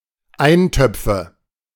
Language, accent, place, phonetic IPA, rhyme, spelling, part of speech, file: German, Germany, Berlin, [ˈaɪ̯nˌtœp͡fə], -aɪ̯ntœp͡fə, Eintöpfe, noun, De-Eintöpfe.ogg
- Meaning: nominative/accusative/genitive plural of Eintopf